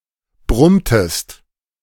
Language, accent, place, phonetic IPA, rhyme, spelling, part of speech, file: German, Germany, Berlin, [ˈbʁʊmtəst], -ʊmtəst, brummtest, verb, De-brummtest.ogg
- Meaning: inflection of brummen: 1. second-person singular preterite 2. second-person singular subjunctive II